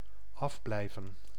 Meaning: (verb) to keep one's hands off; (interjection) hands off!, leave be! (telling someone not to touch something)
- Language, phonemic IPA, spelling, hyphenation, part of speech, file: Dutch, /ˈɑfˌblɛi̯.və(n)/, afblijven, af‧blij‧ven, verb / interjection, Nl-afblijven.ogg